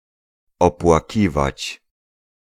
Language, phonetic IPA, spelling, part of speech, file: Polish, [ˌɔpwaˈcivat͡ɕ], opłakiwać, verb, Pl-opłakiwać.ogg